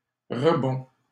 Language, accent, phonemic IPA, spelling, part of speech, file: French, Canada, /ʁə.bɔ̃/, rebond, noun, LL-Q150 (fra)-rebond.wav
- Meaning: 1. recovery from setback, rebound 2. bounce 3. rebound